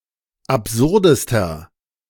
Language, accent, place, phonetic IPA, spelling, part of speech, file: German, Germany, Berlin, [apˈzʊʁdəstɐ], absurdester, adjective, De-absurdester.ogg
- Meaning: inflection of absurd: 1. strong/mixed nominative masculine singular superlative degree 2. strong genitive/dative feminine singular superlative degree 3. strong genitive plural superlative degree